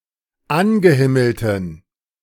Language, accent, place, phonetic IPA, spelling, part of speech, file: German, Germany, Berlin, [ˈanɡəˌhɪml̩tn̩], angehimmelten, adjective, De-angehimmelten.ogg
- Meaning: inflection of angehimmelt: 1. strong genitive masculine/neuter singular 2. weak/mixed genitive/dative all-gender singular 3. strong/weak/mixed accusative masculine singular 4. strong dative plural